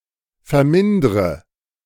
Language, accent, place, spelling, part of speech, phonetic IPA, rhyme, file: German, Germany, Berlin, vermindre, verb, [fɛɐ̯ˈmɪndʁə], -ɪndʁə, De-vermindre.ogg
- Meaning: inflection of vermindern: 1. first-person singular present 2. first/third-person singular subjunctive I 3. singular imperative